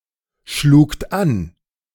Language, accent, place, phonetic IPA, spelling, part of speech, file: German, Germany, Berlin, [ˌʃluːkt ˈan], schlugt an, verb, De-schlugt an.ogg
- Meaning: second-person plural preterite of anschlagen